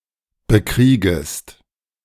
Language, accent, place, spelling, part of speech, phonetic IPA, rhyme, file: German, Germany, Berlin, bekriegest, verb, [bəˈkʁiːɡəst], -iːɡəst, De-bekriegest.ogg
- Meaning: second-person singular subjunctive I of bekriegen